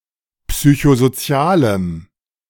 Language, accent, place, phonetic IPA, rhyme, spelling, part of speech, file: German, Germany, Berlin, [ˌpsyçozoˈt͡si̯aːləm], -aːləm, psychosozialem, adjective, De-psychosozialem.ogg
- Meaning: strong dative masculine/neuter singular of psychosozial